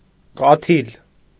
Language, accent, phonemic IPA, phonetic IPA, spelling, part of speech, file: Armenian, Eastern Armenian, /kɑˈtʰil/, [kɑtʰíl], կաթիլ, noun, Hy-կաթիլ.ogg
- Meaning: 1. drop, droplet (of a liquid) 2. a drop (of), a bit (of), a grain (of), a little (of)